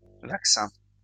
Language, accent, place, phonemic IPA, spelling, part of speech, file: French, France, Lyon, /vak.sɛ̃/, vaccins, noun, LL-Q150 (fra)-vaccins.wav
- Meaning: plural of vaccin